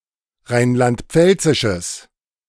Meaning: strong/mixed nominative/accusative neuter singular of rheinland-pfälzisch
- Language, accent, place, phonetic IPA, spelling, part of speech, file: German, Germany, Berlin, [ˈʁaɪ̯nlantˈp͡fɛlt͡sɪʃəs], rheinland-pfälzisches, adjective, De-rheinland-pfälzisches.ogg